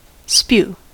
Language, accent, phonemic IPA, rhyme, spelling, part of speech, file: English, US, /spjuː/, -uː, spew, verb / noun, En-us-spew.ogg
- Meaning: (verb) 1. To eject forcibly and in a stream 2. To be forcibly ejected 3. To speak or write quickly and voluminously, especially words that are not worth listening to or reading